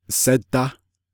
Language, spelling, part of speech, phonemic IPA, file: Navajo, sédá, verb, /sɛ́tɑ́/, Nv-sédá.ogg
- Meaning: first-person singular si-perfective neuter of sidá